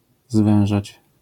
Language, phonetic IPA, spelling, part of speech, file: Polish, [ˈzvɛ̃w̃ʒat͡ɕ], zwężać, verb, LL-Q809 (pol)-zwężać.wav